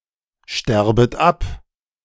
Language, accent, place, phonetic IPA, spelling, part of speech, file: German, Germany, Berlin, [ˌʃtɛʁbət ˈap], sterbet ab, verb, De-sterbet ab.ogg
- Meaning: second-person plural subjunctive I of absterben